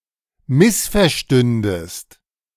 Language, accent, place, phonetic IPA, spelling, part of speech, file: German, Germany, Berlin, [ˈmɪsfɛɐ̯ˌʃtʏndəst], missverstündest, verb, De-missverstündest.ogg
- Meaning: second-person singular subjunctive II of missverstehen